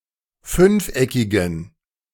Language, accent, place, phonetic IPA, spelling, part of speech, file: German, Germany, Berlin, [ˈfʏnfˌʔɛkɪɡn̩], fünfeckigen, adjective, De-fünfeckigen.ogg
- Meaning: inflection of fünfeckig: 1. strong genitive masculine/neuter singular 2. weak/mixed genitive/dative all-gender singular 3. strong/weak/mixed accusative masculine singular 4. strong dative plural